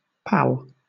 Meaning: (noun) 1. A friend, buddy, mate, cobber; someone to hang around with 2. An informal term of address, often used ironically in a hostile way; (verb) Synonym of pal around
- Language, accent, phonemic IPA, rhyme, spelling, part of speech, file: English, Southern England, /pæl/, -æl, pal, noun / verb, LL-Q1860 (eng)-pal.wav